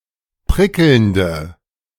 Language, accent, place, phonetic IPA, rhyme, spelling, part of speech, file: German, Germany, Berlin, [ˈpʁɪkl̩ndə], -ɪkl̩ndə, prickelnde, adjective, De-prickelnde.ogg
- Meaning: inflection of prickelnd: 1. strong/mixed nominative/accusative feminine singular 2. strong nominative/accusative plural 3. weak nominative all-gender singular